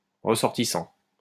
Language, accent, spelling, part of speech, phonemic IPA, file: French, France, ressortissant, verb / noun, /ʁə.sɔʁ.ti.sɑ̃/, LL-Q150 (fra)-ressortissant.wav
- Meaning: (verb) present participle of ressortir; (noun) foreign national